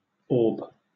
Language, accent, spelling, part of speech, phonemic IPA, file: English, Southern England, orb, noun / verb, /ɔːb/, LL-Q1860 (eng)-orb.wav
- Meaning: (noun) A spherical body; a sphere, especially one of the celestial spheres; a sun, planet, or star